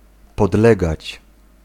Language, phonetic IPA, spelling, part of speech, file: Polish, [pɔdˈlɛɡat͡ɕ], podlegać, verb, Pl-podlegać.ogg